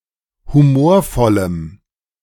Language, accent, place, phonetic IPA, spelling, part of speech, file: German, Germany, Berlin, [huˈmoːɐ̯ˌfɔləm], humorvollem, adjective, De-humorvollem.ogg
- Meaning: strong dative masculine/neuter singular of humorvoll